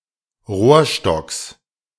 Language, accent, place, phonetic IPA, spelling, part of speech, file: German, Germany, Berlin, [ˈʁoːɐ̯ˌʃtɔks], Rohrstocks, noun, De-Rohrstocks.ogg
- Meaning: genitive singular of Rohrstock